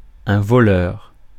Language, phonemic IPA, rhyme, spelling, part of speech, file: French, /vɔ.lœʁ/, -œʁ, voleur, noun / adjective, Fr-voleur.ogg
- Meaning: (noun) 1. robber, thief 2. flier (one who flies); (adjective) thieving, thievish